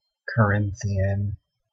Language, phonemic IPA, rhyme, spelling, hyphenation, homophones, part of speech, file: English, /kəˈɹɪnθi.ən/, -ɪnθiən, Corinthian, Co‧rin‧thi‧an, Carinthian, adjective / noun, En-ca-Corinthian.ogg
- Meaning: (adjective) 1. Of or relating to Corinth 2. Of the Corinthian order 3. Elaborate, ornate 4. Debauched in character or practice; impure